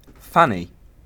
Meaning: 1. The female genitalia 2. The buttocks; arguably the most nearly polite of several euphemisms 3. Sexual intercourse with a woman 4. Women, regarded as sex objects 5. Mess kettle or cooking pot
- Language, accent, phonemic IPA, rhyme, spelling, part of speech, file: English, UK, /ˈfæni/, -æni, fanny, noun, En-uk-fanny.ogg